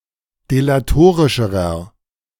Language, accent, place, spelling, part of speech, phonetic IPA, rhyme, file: German, Germany, Berlin, delatorischerer, adjective, [delaˈtoːʁɪʃəʁɐ], -oːʁɪʃəʁɐ, De-delatorischerer.ogg
- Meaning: inflection of delatorisch: 1. strong/mixed nominative masculine singular comparative degree 2. strong genitive/dative feminine singular comparative degree 3. strong genitive plural comparative degree